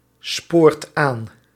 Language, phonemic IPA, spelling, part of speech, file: Dutch, /ˈsport ˈan/, spoort aan, verb, Nl-spoort aan.ogg
- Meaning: inflection of aansporen: 1. second/third-person singular present indicative 2. plural imperative